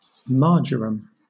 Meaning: 1. A herb of the mint family, Origanum majorana, having aromatic leaves 2. The leaves of this plant, especially dried, used in flavouring food
- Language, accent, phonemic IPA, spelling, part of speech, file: English, Southern England, /ˈmɑːd͡ʒ(ə)ɹəm/, marjoram, noun, LL-Q1860 (eng)-marjoram.wav